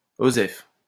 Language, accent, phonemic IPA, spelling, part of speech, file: French, France, /o.zɛf/, osef, interjection, LL-Q150 (fra)-osef.wav
- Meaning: abbreviation of on s'en fout